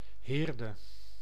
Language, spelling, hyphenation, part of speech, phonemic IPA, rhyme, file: Dutch, Heerde, Heer‧de, proper noun, /ˈɦeːr.də/, -eːrdə, Nl-Heerde.ogg
- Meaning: Heerde (a village and municipality of Gelderland, Netherlands)